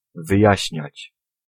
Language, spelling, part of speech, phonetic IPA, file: Polish, wyjaśniać, verb, [vɨˈjäɕɲät͡ɕ], Pl-wyjaśniać.ogg